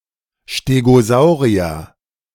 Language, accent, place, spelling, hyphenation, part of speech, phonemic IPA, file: German, Germany, Berlin, Stegosaurier, Ste‧go‧sau‧ri‧er, noun, /ʃteɡoˈzaʊʁiɐ/, De-Stegosaurier.ogg
- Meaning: stegosaur